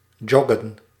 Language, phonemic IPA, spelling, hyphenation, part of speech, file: Dutch, /ˈdʒɔ.ɡə(n)/, joggen, jog‧gen, verb, Nl-joggen.ogg
- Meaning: to jog